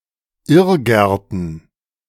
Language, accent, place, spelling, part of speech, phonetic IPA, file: German, Germany, Berlin, Irrgärten, noun, [ˈɪʁˌɡɛʁtn̩], De-Irrgärten.ogg
- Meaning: plural of Irrgarten